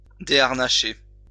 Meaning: to unharness
- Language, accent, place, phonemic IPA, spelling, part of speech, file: French, France, Lyon, /de.aʁ.na.ʃe/, déharnacher, verb, LL-Q150 (fra)-déharnacher.wav